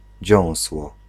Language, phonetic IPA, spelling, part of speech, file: Polish, [ˈd͡ʑɔ̃w̃swɔ], dziąsło, noun, Pl-dziąsło.ogg